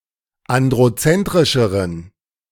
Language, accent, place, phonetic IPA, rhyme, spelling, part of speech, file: German, Germany, Berlin, [ˌandʁoˈt͡sɛntʁɪʃəʁən], -ɛntʁɪʃəʁən, androzentrischeren, adjective, De-androzentrischeren.ogg
- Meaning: inflection of androzentrisch: 1. strong genitive masculine/neuter singular comparative degree 2. weak/mixed genitive/dative all-gender singular comparative degree